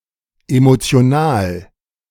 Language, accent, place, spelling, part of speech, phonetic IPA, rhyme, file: German, Germany, Berlin, emotional, adjective, [ˌemot͡si̯oˈnaːl], -aːl, De-emotional.ogg
- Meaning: emotional